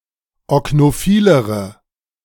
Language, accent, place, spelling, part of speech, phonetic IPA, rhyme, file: German, Germany, Berlin, oknophilere, adjective, [ɔknoˈfiːləʁə], -iːləʁə, De-oknophilere.ogg
- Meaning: inflection of oknophil: 1. strong/mixed nominative/accusative feminine singular comparative degree 2. strong nominative/accusative plural comparative degree